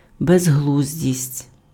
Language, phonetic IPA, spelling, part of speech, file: Ukrainian, [bezˈɦɫuzʲdʲisʲtʲ], безглуздість, noun, Uk-безглуздість.ogg
- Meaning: foolishness